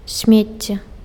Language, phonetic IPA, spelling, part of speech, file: Belarusian, [ˈsʲmʲet͡sʲːe], смецце, noun, Be-смецце.ogg
- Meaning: garbage, rubbish, trash